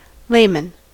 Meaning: 1. Layperson, someone who is not an ordained cleric or member of the clergy 2. Someone who is not a professional in a given field 3. A common person
- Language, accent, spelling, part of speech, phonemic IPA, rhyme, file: English, US, layman, noun, /ˈleɪmən/, -eɪmən, En-us-layman.ogg